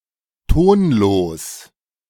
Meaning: unstressed
- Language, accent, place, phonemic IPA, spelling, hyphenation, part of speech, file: German, Germany, Berlin, /ˈtoːnˌloːs/, tonlos, ton‧los, adjective, De-tonlos.ogg